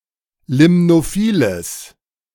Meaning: strong/mixed nominative/accusative neuter singular of limnophil
- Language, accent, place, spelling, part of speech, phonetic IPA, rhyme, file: German, Germany, Berlin, limnophiles, adjective, [ˌlɪmnoˈfiːləs], -iːləs, De-limnophiles.ogg